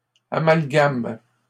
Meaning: third-person plural present indicative/subjunctive of amalgamer
- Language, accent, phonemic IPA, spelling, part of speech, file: French, Canada, /a.mal.ɡam/, amalgament, verb, LL-Q150 (fra)-amalgament.wav